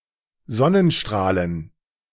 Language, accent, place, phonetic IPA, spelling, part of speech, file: German, Germany, Berlin, [ˈzɔnənˌʃtʁaːlən], Sonnenstrahlen, noun, De-Sonnenstrahlen.ogg
- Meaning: plural of Sonnenstrahl